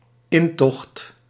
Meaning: 1. entry, entrance. Commonly used for the arrival of Sinterklaas in the country 2. invasion
- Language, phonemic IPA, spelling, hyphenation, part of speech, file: Dutch, /ˈɪntɔxt/, intocht, in‧tocht, noun, Nl-intocht.ogg